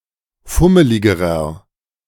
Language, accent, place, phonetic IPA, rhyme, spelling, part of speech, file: German, Germany, Berlin, [ˈfʊməlɪɡəʁɐ], -ʊməlɪɡəʁɐ, fummeligerer, adjective, De-fummeligerer.ogg
- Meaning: inflection of fummelig: 1. strong/mixed nominative masculine singular comparative degree 2. strong genitive/dative feminine singular comparative degree 3. strong genitive plural comparative degree